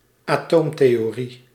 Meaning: atomic theory
- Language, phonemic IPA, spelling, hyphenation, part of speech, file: Dutch, /aːˈtoːm.teː.oːˌri/, atoomtheorie, atoom‧the‧o‧rie, noun, Nl-atoomtheorie.ogg